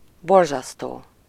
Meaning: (verb) present participle of borzaszt; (adjective) horrible, terrible; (adverb) synonym of borzasztóan (“awfully”)
- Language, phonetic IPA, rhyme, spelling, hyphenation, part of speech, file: Hungarian, [ˈborzɒstoː], -toː, borzasztó, bor‧zasz‧tó, verb / adjective / adverb, Hu-borzasztó.ogg